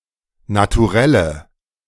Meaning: nominative/accusative/genitive plural of Naturell
- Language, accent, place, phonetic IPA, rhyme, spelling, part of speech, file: German, Germany, Berlin, [natuˈʁɛlə], -ɛlə, Naturelle, noun, De-Naturelle.ogg